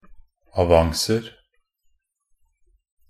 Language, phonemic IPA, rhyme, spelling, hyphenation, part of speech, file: Norwegian Bokmål, /aˈʋaŋsər/, -ər, avancer, a‧van‧cer, noun, Nb-avancer.ogg
- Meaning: indefinite plural of avance